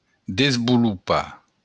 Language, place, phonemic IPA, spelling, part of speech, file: Occitan, Béarn, /dezbuluˈpa/, desvolopar, verb, LL-Q14185 (oci)-desvolopar.wav
- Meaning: to develop (cause to develop)